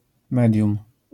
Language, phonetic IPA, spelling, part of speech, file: Polish, [ˈmɛdʲjũm], medium, noun, LL-Q809 (pol)-medium.wav